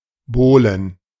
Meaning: plural of Bohle
- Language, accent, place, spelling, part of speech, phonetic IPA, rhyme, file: German, Germany, Berlin, Bohlen, noun, [ˈboːlən], -oːlən, De-Bohlen.ogg